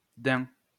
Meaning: 1. fallow deer 2. deer 3. buck 4. buckskin, doeskin; suede
- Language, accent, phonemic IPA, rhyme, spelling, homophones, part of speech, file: French, France, /dɛ̃/, -ɛ̃, daim, daims, noun, LL-Q150 (fra)-daim.wav